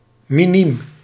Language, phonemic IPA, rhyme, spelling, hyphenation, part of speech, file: Dutch, /miˈnim/, -im, miniem, mi‧niem, adjective / noun, Nl-miniem.ogg
- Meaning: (adjective) tiny, insignificant; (noun) someone who competes in the category for players of age around 12